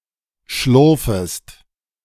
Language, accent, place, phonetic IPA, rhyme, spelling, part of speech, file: German, Germany, Berlin, [ˈʃlʊʁfəst], -ʊʁfəst, schlurfest, verb, De-schlurfest.ogg
- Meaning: second-person singular subjunctive I of schlurfen